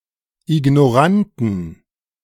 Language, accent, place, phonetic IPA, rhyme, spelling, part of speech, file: German, Germany, Berlin, [ɪɡnoˈʁantn̩], -antn̩, Ignoranten, noun, De-Ignoranten.ogg
- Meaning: 1. genitive singular of Ignorant 2. plural of Ignorant